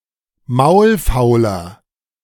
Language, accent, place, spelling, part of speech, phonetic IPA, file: German, Germany, Berlin, maulfauler, adjective, [ˈmaʊ̯lˌfaʊ̯lɐ], De-maulfauler.ogg
- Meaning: 1. comparative degree of maulfaul 2. inflection of maulfaul: strong/mixed nominative masculine singular 3. inflection of maulfaul: strong genitive/dative feminine singular